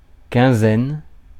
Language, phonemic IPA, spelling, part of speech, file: French, /kɛ̃.zɛn/, quinzaine, noun, Fr-quinzaine.ogg
- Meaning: 1. about fifteen people, about fifteen things, etc 2. a period of fifteen consecutive days 3. two weeks; a fortnight